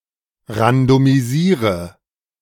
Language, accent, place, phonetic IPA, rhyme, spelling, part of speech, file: German, Germany, Berlin, [ʁandomiˈziːʁə], -iːʁə, randomisiere, verb, De-randomisiere.ogg
- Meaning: inflection of randomisieren: 1. first-person singular present 2. first/third-person singular subjunctive I 3. singular imperative